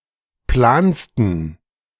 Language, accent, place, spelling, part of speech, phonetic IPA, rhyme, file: German, Germany, Berlin, plansten, adjective, [ˈplaːnstn̩], -aːnstn̩, De-plansten.ogg
- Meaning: 1. superlative degree of plan 2. inflection of plan: strong genitive masculine/neuter singular superlative degree